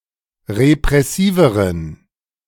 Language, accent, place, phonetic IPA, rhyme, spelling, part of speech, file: German, Germany, Berlin, [ʁepʁɛˈsiːvəʁən], -iːvəʁən, repressiveren, adjective, De-repressiveren.ogg
- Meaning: inflection of repressiv: 1. strong genitive masculine/neuter singular comparative degree 2. weak/mixed genitive/dative all-gender singular comparative degree